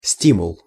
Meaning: 1. stimulus, incentive 2. drive; impetus
- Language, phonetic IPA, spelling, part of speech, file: Russian, [ˈsʲtʲimʊɫ], стимул, noun, Ru-стимул.ogg